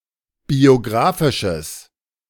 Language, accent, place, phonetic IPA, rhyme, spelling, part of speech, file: German, Germany, Berlin, [bioˈɡʁaːfɪʃəs], -aːfɪʃəs, biografisches, adjective, De-biografisches.ogg
- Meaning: strong/mixed nominative/accusative neuter singular of biografisch